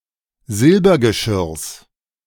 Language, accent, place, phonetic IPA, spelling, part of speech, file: German, Germany, Berlin, [ˈzɪlbɐɡəˌʃɪʁs], Silbergeschirrs, noun, De-Silbergeschirrs.ogg
- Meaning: genitive singular of Silbergeschirr